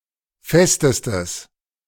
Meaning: strong/mixed nominative/accusative neuter singular superlative degree of fest
- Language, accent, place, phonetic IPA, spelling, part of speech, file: German, Germany, Berlin, [ˈfɛstəstəs], festestes, adjective, De-festestes.ogg